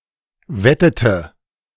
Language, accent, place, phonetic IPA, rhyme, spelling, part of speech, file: German, Germany, Berlin, [ˈvɛtətə], -ɛtətə, wettete, verb, De-wettete.ogg
- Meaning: inflection of wetten: 1. first/third-person singular preterite 2. first/third-person singular subjunctive II